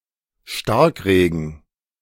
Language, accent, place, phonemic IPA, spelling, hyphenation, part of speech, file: German, Germany, Berlin, /ˈʃtaʁkˌʁeːɡn̩/, Starkregen, Stark‧re‧gen, noun, De-Starkregen.ogg
- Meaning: intense rain, torrential rain